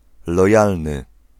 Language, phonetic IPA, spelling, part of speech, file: Polish, [lɔˈjalnɨ], lojalny, adjective, Pl-lojalny.ogg